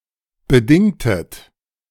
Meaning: inflection of bedingen: 1. second-person plural preterite 2. second-person plural subjunctive II
- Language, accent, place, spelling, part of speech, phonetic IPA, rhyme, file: German, Germany, Berlin, bedingtet, verb, [bəˈdɪŋtət], -ɪŋtət, De-bedingtet.ogg